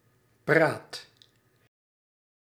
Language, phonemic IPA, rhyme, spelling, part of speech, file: Dutch, /praːt/, -aːt, praat, noun / verb, Nl-praat.ogg
- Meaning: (noun) talk, talking; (verb) inflection of praten: 1. first/second/third-person singular present indicative 2. imperative